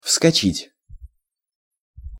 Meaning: 1. to jump (up, onto, out of), to leap (on, into, onto), to get up quickly 2. to rise, to swell (up), to come up (e.g. a pimple on the face, a bump on the head)
- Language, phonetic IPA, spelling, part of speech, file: Russian, [fskɐˈt͡ɕitʲ], вскочить, verb, Ru-вскочить.ogg